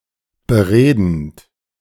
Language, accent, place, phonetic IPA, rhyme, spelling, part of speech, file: German, Germany, Berlin, [bəˈʁeːdn̩t], -eːdn̩t, beredend, verb, De-beredend.ogg
- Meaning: present participle of bereden